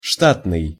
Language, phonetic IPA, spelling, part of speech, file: Russian, [ˈʂtatnɨj], штатный, adjective, Ru-штатный.ogg
- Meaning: 1. staff, personnel 2. staff 3. standard, regular, normal 4. routine, nonemergency